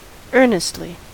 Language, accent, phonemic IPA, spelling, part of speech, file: English, US, /ˈɝnɪstli/, earnestly, adverb, En-us-earnestly.ogg
- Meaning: In an earnest manner; being very sincere; putting forth genuine effort